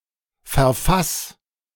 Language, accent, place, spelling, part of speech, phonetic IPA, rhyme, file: German, Germany, Berlin, verfass, verb, [fɛɐ̯ˈfas], -as, De-verfass.ogg
- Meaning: 1. singular imperative of verfassen 2. first-person singular present of verfassen